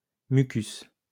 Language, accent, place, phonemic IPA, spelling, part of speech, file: French, France, Lyon, /my.kys/, mucus, noun, LL-Q150 (fra)-mucus.wav
- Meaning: mucus